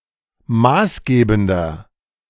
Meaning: 1. comparative degree of maßgebend 2. inflection of maßgebend: strong/mixed nominative masculine singular 3. inflection of maßgebend: strong genitive/dative feminine singular
- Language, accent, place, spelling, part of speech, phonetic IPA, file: German, Germany, Berlin, maßgebender, adjective, [ˈmaːsˌɡeːbn̩dɐ], De-maßgebender.ogg